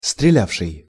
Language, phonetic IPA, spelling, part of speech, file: Russian, [strʲɪˈlʲafʂɨj], стрелявший, verb, Ru-стрелявший.ogg
- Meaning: past active imperfective participle of стреля́ть (streljátʹ)